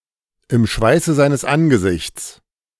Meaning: by the sweat of one's brow
- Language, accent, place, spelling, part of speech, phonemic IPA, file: German, Germany, Berlin, im Schweiße seines Angesichts, phrase, /ɪm ˈʃvaɪ̯sə ˌzaɪ̯nəs ˈʔanɡəˌzɪçt͡s/, De-im Schweiße seines Angesichts.ogg